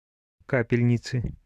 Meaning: inflection of ка́пельница (kápelʹnica): 1. genitive singular 2. nominative/accusative plural
- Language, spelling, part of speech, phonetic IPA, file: Russian, капельницы, noun, [ˈkapʲɪlʲnʲɪt͡sɨ], Ru-капельницы.oga